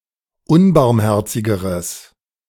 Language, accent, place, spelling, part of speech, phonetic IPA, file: German, Germany, Berlin, unbarmherzigeres, adjective, [ˈʊnbaʁmˌhɛʁt͡sɪɡəʁəs], De-unbarmherzigeres.ogg
- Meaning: strong/mixed nominative/accusative neuter singular comparative degree of unbarmherzig